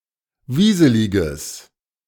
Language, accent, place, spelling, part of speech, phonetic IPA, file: German, Germany, Berlin, wieseliges, adjective, [ˈviːzəlɪɡəs], De-wieseliges.ogg
- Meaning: strong/mixed nominative/accusative neuter singular of wieselig